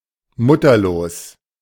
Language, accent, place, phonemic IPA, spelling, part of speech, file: German, Germany, Berlin, /ˈmʊtɐloːs/, mutterlos, adjective, De-mutterlos.ogg
- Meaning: motherless